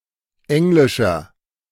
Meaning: inflection of englisch: 1. strong/mixed nominative masculine singular 2. strong genitive/dative feminine singular 3. strong genitive plural
- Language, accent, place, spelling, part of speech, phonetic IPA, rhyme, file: German, Germany, Berlin, englischer, adjective, [ˈɛŋlɪʃɐ], -ɛŋlɪʃɐ, De-englischer.ogg